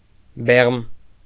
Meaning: sperm
- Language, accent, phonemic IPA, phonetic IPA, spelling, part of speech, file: Armenian, Eastern Armenian, /beʁm/, [beʁm], բեղմ, noun, Hy-բեղմ.ogg